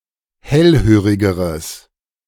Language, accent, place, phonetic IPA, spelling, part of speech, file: German, Germany, Berlin, [ˈhɛlˌhøːʁɪɡəʁəs], hellhörigeres, adjective, De-hellhörigeres.ogg
- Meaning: strong/mixed nominative/accusative neuter singular comparative degree of hellhörig